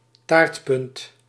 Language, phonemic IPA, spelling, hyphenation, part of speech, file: Dutch, /ˈtaːrt.pʏnt/, taartpunt, taart‧punt, noun, Nl-taartpunt.ogg
- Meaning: 1. a pointy piece or slice of usually round cake or pie 2. anything wedge-shaped, e.g. a section of a pie chart